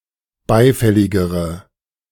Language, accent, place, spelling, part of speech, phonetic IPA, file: German, Germany, Berlin, beifälligere, adjective, [ˈbaɪ̯ˌfɛlɪɡəʁə], De-beifälligere.ogg
- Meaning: inflection of beifällig: 1. strong/mixed nominative/accusative feminine singular comparative degree 2. strong nominative/accusative plural comparative degree